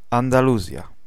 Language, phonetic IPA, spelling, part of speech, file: Polish, [ˌãndaˈluzʲja], Andaluzja, proper noun, Pl-Andaluzja.ogg